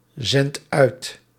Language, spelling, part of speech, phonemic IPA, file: Dutch, zendt uit, verb, /ˈzɛnt ˈœyt/, Nl-zendt uit.ogg
- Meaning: inflection of uitzenden: 1. second/third-person singular present indicative 2. plural imperative